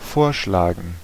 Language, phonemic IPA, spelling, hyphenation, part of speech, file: German, /ˈfoːɐ̯ˌʃlaːɡŋ/, vorschlagen, vor‧schla‧gen, verb, De-vorschlagen.ogg
- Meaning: to propose, to suggest